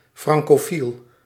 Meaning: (noun) Francophile (admirer of French culture and/or language); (adjective) Francophile (admiring French culture and/or language)
- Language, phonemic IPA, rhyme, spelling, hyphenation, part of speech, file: Dutch, /ˌfrɑŋ.koːˈfil/, -il, francofiel, fran‧co‧fiel, noun / adjective, Nl-francofiel.ogg